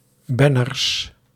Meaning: plural of banner
- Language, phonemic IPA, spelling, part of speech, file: Dutch, /ˈbɛnərs/, banners, noun, Nl-banners.ogg